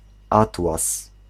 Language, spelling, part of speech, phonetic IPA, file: Polish, atłas, noun, [ˈatwas], Pl-atłas.ogg